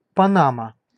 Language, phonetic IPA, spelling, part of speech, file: Russian, [pɐˈnamə], Панама, proper noun, Ru-Панама.ogg
- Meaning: 1. Panama (a country in Central America) 2. Panama City (the capital city of the country of Panama)